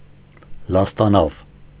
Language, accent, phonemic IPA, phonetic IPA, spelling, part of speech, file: Armenian, Eastern Armenian, /lɑstɑˈnɑv/, [lɑstɑnɑ́v], լաստանավ, noun, Hy-լաստանավ.ogg
- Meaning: ferry, ferryboat